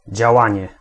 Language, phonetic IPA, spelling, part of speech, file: Polish, [d͡ʑaˈwãɲɛ], działanie, noun, Pl-działanie.ogg